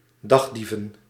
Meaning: plural of dagdief
- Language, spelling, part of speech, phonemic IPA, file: Dutch, dagdieven, verb / noun, /ˈdɑɣdivə(n)/, Nl-dagdieven.ogg